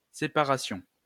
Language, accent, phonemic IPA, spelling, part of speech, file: French, France, /se.pa.ʁa.sjɔ̃/, séparation, noun, LL-Q150 (fra)-séparation.wav
- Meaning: separation